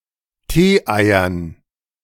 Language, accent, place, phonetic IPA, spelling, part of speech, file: German, Germany, Berlin, [ˈteːˌʔaɪ̯ɐn], Tee-Eiern, noun, De-Tee-Eiern.ogg
- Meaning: dative plural of Tee-Ei